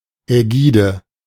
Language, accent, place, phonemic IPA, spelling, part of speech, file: German, Germany, Berlin, /ɛˈɡiːdə/, Ägide, noun, De-Ägide.ogg
- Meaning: aegis (endorsement, sponsorship)